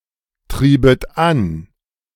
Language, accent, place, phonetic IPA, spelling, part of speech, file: German, Germany, Berlin, [ˌtʁiːbət ˈan], triebet an, verb, De-triebet an.ogg
- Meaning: second-person plural subjunctive II of antreiben